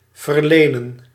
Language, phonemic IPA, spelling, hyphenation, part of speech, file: Dutch, /vərˈleː.nə(n)/, verlenen, ver‧le‧nen, verb, Nl-verlenen.ogg
- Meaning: to grant